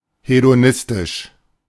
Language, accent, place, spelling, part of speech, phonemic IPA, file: German, Germany, Berlin, hedonistisch, adjective, /hedoˈnɪstɪʃ/, De-hedonistisch.ogg
- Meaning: hedonistic